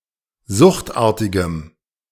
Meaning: strong dative masculine/neuter singular of suchtartig
- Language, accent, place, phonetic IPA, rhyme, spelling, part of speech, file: German, Germany, Berlin, [ˈzʊxtˌʔaːɐ̯tɪɡəm], -ʊxtʔaːɐ̯tɪɡəm, suchtartigem, adjective, De-suchtartigem.ogg